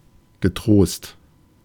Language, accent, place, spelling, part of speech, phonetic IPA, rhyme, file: German, Germany, Berlin, getrost, adjective, [ɡəˈtʁoːst], -oːst, De-getrost.ogg
- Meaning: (adjective) confident; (adverb) without worries; used to indicate that no negative consequence will come from following a course of action